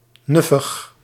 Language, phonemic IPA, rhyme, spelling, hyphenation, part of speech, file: Dutch, /ˈnʏ.fəx/, -ʏfəx, nuffig, nuf‧fig, adjective, Nl-nuffig.ogg
- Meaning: arrogant, supercilious, snobbish; particularly in a way associated with diva-like young women